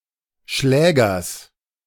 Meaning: genitive singular of Schläger
- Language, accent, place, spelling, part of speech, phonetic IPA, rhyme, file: German, Germany, Berlin, Schlägers, noun, [ˈʃlɛːɡɐs], -ɛːɡɐs, De-Schlägers.ogg